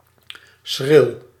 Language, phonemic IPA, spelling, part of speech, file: Dutch, /sxrɪl/, schril, adjective, Nl-schril.ogg
- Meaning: shrill